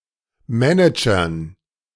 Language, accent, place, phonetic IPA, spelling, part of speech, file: German, Germany, Berlin, [ˈmɛnɪd͡ʒɐn], Managern, noun, De-Managern.ogg
- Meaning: dative plural of Manager